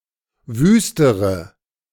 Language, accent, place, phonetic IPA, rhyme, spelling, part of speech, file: German, Germany, Berlin, [ˈvyːstəʁə], -yːstəʁə, wüstere, adjective, De-wüstere.ogg
- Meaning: inflection of wüst: 1. strong/mixed nominative/accusative feminine singular comparative degree 2. strong nominative/accusative plural comparative degree